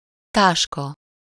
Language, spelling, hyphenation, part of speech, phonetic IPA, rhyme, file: Hungarian, táska, tás‧ka, noun, [ˈtaːʃkɒ], -kɒ, Hu-táska.ogg
- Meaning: 1. bag (container made of textile or leather, used for carrying personal items) 2. bag (puffed up skin under the eyes due to age, lack of sleep, or crying)